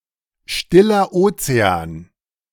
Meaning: Pacific Ocean
- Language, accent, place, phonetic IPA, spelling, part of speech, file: German, Germany, Berlin, [ˈʃtɪlɐ ˈoːt͡seaːn], Stiller Ozean, phrase, De-Stiller Ozean.ogg